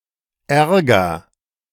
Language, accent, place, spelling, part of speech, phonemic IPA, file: German, Germany, Berlin, Ärger, noun / symbol, /ˈʔɛɐ̯ɡɐ/, De-Ärger.ogg
- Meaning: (noun) 1. annoyance, anger 2. trouble, an unpleasant or dangerous situation; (symbol) The letter Ä in the German and Austrian spelling alphabets